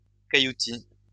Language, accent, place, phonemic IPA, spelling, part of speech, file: French, France, Lyon, /ka.ju.ti/, cailloutis, noun, LL-Q150 (fra)-cailloutis.wav
- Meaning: gravel